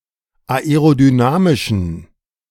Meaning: inflection of aerodynamisch: 1. strong genitive masculine/neuter singular 2. weak/mixed genitive/dative all-gender singular 3. strong/weak/mixed accusative masculine singular 4. strong dative plural
- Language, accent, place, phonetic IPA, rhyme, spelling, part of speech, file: German, Germany, Berlin, [aeʁodyˈnaːmɪʃn̩], -aːmɪʃn̩, aerodynamischen, adjective, De-aerodynamischen.ogg